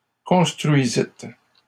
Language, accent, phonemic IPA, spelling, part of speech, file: French, Canada, /kɔ̃s.tʁɥi.zit/, construisîtes, verb, LL-Q150 (fra)-construisîtes.wav
- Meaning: second-person plural past historic of construire